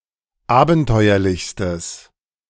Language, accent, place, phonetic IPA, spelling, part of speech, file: German, Germany, Berlin, [ˈaːbn̩ˌtɔɪ̯ɐlɪçstəs], abenteuerlichstes, adjective, De-abenteuerlichstes.ogg
- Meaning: strong/mixed nominative/accusative neuter singular superlative degree of abenteuerlich